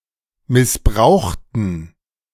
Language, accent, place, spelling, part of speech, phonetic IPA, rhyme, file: German, Germany, Berlin, missbrauchten, adjective / verb, [mɪsˈbʁaʊ̯xtn̩], -aʊ̯xtn̩, De-missbrauchten.ogg
- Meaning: inflection of missbrauchen: 1. first/third-person plural preterite 2. first/third-person plural subjunctive II